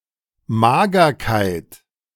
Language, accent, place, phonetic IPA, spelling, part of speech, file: German, Germany, Berlin, [ˈmaːɡɐkaɪ̯t], Magerkeit, noun, De-Magerkeit.ogg
- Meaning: leanness, skinniness